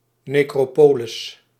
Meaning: necropolis (burial site, esp. an old one)
- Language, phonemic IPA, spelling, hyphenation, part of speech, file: Dutch, /neːˈkroː.poː.lɪs/, necropolis, ne‧cro‧po‧lis, noun, Nl-necropolis.ogg